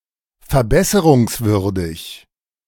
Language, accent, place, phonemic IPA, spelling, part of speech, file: German, Germany, Berlin, /fɛɐ̯ˈbɛsəʁʊŋsˌvʏʁdɪç/, verbesserungswürdig, adjective, De-verbesserungswürdig.ogg
- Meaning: improvable, suboptimal